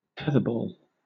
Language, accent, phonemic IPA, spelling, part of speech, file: English, Southern England, /ˈtɛðəˌbɔːl/, tetherball, noun, LL-Q1860 (eng)-tetherball.wav